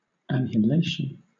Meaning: 1. Breathing difficulty, shortness of breath 2. Mental or spiritual agitation 3. Followed by after or for: eager desire; (countable) an instance of this
- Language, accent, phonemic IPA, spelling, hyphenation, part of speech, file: English, Southern England, /ænhɪˈleɪʃn̩/, anhelation, an‧hel‧at‧ion, noun, LL-Q1860 (eng)-anhelation.wav